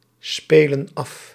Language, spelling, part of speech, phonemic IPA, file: Dutch, spelen af, verb, /ˈspelə(n) ˈɑf/, Nl-spelen af.ogg
- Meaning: inflection of afspelen: 1. plural present indicative 2. plural present subjunctive